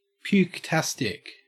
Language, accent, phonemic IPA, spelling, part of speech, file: English, Australia, /pjuːkˈtæstɪk/, puketastic, adjective, En-au-puketastic.ogg
- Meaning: Characterised by, or inducing, vomiting